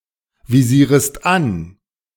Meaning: second-person singular subjunctive I of anvisieren
- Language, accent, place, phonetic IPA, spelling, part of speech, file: German, Germany, Berlin, [viˌziːʁəst ˈan], visierest an, verb, De-visierest an.ogg